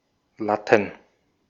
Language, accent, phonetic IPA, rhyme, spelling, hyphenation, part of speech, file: German, Austria, [ˈlatn̩], -atn̩, Latten, Lat‧ten, noun, De-at-Latten.ogg
- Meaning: plural of Latte